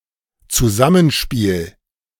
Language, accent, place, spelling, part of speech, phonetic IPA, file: German, Germany, Berlin, Zusammenspiel, noun, [t͡suˈzamənˌʃpiːl], De-Zusammenspiel.ogg
- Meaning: interaction, interplay, cooperation, teamwork